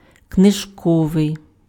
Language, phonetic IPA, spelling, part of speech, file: Ukrainian, [kneʒˈkɔʋei̯], книжковий, adjective, Uk-книжковий.ogg
- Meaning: book (attributive) (of or relating to books)